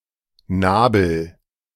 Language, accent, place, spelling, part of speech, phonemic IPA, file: German, Germany, Berlin, Nabel, noun, /ˈnaːbəl/, De-Nabel.ogg
- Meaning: 1. navel; bellybutton 2. centre; middle